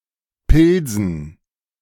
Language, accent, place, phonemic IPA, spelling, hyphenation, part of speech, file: German, Germany, Berlin, /ˈpɪlzn̩/, Pilsen, Pil‧sen, proper noun, De-Pilsen.ogg
- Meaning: Pilsen (a city in the Czech Republic)